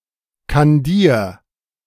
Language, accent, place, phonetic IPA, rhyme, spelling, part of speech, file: German, Germany, Berlin, [kanˈdiːɐ̯], -iːɐ̯, kandier, verb, De-kandier.ogg
- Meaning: 1. singular imperative of kandieren 2. first-person singular present of kandieren